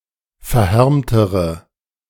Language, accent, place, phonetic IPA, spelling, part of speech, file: German, Germany, Berlin, [fɛɐ̯ˈhɛʁmtəʁə], verhärmtere, adjective, De-verhärmtere.ogg
- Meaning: inflection of verhärmt: 1. strong/mixed nominative/accusative feminine singular comparative degree 2. strong nominative/accusative plural comparative degree